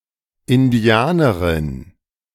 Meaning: female equivalent of Indianer
- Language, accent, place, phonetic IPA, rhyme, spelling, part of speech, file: German, Germany, Berlin, [ɪnˈdi̯aːnəʁɪn], -aːnəʁɪn, Indianerin, noun, De-Indianerin.ogg